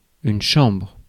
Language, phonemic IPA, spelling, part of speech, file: French, /ʃɑ̃bʁ/, chambre, noun, Fr-chambre.ogg
- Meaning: a chamber in its various senses, including: 1. a room 2. a hotel room 3. a bedroom 4. a house of a parliament